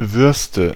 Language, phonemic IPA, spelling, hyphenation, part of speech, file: German, /ˈvʏɐ̯stə/, Würste, Würs‧te, noun, De-Würste.ogg
- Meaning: nominative/accusative/genitive plural of Wurst "sausages"